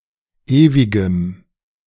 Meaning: strong dative masculine/neuter singular of ewig
- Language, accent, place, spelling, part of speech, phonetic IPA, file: German, Germany, Berlin, ewigem, adjective, [ˈeːvɪɡəm], De-ewigem.ogg